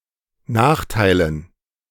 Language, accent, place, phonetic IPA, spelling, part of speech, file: German, Germany, Berlin, [ˈnaːxtaɪ̯lən], Nachteilen, noun, De-Nachteilen.ogg
- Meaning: dative plural of Nachteil